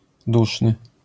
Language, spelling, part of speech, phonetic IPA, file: Polish, duszny, adjective, [ˈduʃnɨ], LL-Q809 (pol)-duszny.wav